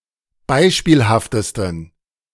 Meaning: 1. superlative degree of beispielhaft 2. inflection of beispielhaft: strong genitive masculine/neuter singular superlative degree
- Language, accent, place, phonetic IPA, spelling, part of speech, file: German, Germany, Berlin, [ˈbaɪ̯ʃpiːlhaftəstn̩], beispielhaftesten, adjective, De-beispielhaftesten.ogg